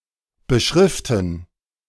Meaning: to label (by writing on it, or by using a written label)
- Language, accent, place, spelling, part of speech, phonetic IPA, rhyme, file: German, Germany, Berlin, beschriften, verb, [bəˈʃʁɪftn̩], -ɪftn̩, De-beschriften.ogg